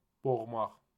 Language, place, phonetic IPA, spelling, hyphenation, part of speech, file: Azerbaijani, Baku, [boɣˈmɑχ], boğmaq, boğ‧maq, verb, Az-az-boğmaq.ogg
- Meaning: 1. to strangle 2. to choke, to suffocate 3. to drown 4. to tighten 5. to suppress, to repress, to quell, to stifle